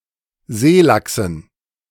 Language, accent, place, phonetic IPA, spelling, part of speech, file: German, Germany, Berlin, [ˈzeːˌlaksn̩], Seelachsen, noun, De-Seelachsen.ogg
- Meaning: dative plural of Seelachs